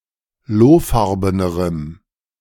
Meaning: strong dative masculine/neuter singular comparative degree of lohfarben
- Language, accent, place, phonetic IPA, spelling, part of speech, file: German, Germany, Berlin, [ˈloːˌfaʁbənəʁəm], lohfarbenerem, adjective, De-lohfarbenerem.ogg